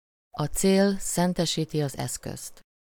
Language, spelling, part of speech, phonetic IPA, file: Hungarian, a cél szentesíti az eszközt, proverb, [ɒ ˈt͡seːl ˈsɛntɛʃiːti ɒz ˈɛskøst], Hu-a cél szentesíti az eszközt.ogg
- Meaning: the end justifies the means